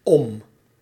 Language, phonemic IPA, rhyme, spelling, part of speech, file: Dutch, /ɔm/, -ɔm, om, preposition / adverb / conjunction / adjective, Nl-om.ogg
- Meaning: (preposition) 1. around, about 2. at (a time) 3. for (some purpose or object), concerning; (adverb) around, over (to another state)